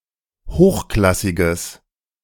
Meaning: strong/mixed nominative/accusative neuter singular of hochklassig
- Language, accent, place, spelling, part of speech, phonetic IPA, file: German, Germany, Berlin, hochklassiges, adjective, [ˈhoːxˌklasɪɡəs], De-hochklassiges.ogg